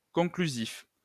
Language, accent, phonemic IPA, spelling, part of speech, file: French, France, /kɔ̃.kly.zif/, conclusif, adjective, LL-Q150 (fra)-conclusif.wav
- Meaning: conclusive